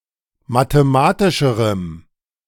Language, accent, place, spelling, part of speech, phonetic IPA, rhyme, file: German, Germany, Berlin, mathematischerem, adjective, [mateˈmaːtɪʃəʁəm], -aːtɪʃəʁəm, De-mathematischerem.ogg
- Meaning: strong dative masculine/neuter singular comparative degree of mathematisch